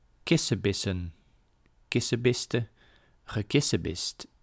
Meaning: to bicker, to quarrel, to squabble (to engage in petty argument)
- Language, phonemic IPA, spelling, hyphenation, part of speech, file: Dutch, /ˈkɪ.səˌbɪ.sə(n)/, kissebissen, kis‧se‧bis‧sen, verb, Nl-kissebissen.ogg